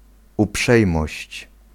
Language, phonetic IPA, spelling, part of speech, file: Polish, [uˈpʃɛjmɔɕt͡ɕ], uprzejmość, noun, Pl-uprzejmość.ogg